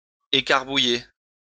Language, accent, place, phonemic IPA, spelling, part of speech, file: French, France, Lyon, /e.kaʁ.bu.je/, écarbouiller, verb, LL-Q150 (fra)-écarbouiller.wav
- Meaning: alternative form of écrabouiller